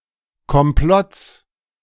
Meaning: genitive singular of Komplott
- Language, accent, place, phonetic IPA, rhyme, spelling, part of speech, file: German, Germany, Berlin, [kɔmˈplɔt͡s], -ɔt͡s, Komplotts, noun, De-Komplotts.ogg